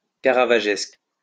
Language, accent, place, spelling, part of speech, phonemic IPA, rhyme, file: French, France, Lyon, caravagesque, adjective, /ka.ʁa.va.ʒɛsk/, -ɛsk, LL-Q150 (fra)-caravagesque.wav
- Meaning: Caravaggesque, Caravaggiesque (reminiscent of the style of Caravaggio)